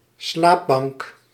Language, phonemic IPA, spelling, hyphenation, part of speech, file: Dutch, /ˈslaːp.bɑŋk/, slaapbank, slaap‧bank, noun, Nl-slaapbank.ogg
- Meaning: sofa-bed